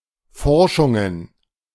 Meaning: plural of Forschung
- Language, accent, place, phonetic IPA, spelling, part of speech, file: German, Germany, Berlin, [ˈfɔʁʃʊŋən], Forschungen, noun, De-Forschungen.ogg